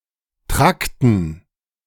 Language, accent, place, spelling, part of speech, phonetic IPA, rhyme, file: German, Germany, Berlin, Trakten, noun, [ˈtʁaktn̩], -aktn̩, De-Trakten.ogg
- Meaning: dative plural of Trakt